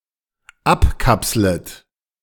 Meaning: second-person plural dependent subjunctive I of abkapseln
- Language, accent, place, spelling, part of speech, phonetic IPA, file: German, Germany, Berlin, abkapslet, verb, [ˈapˌkapslət], De-abkapslet.ogg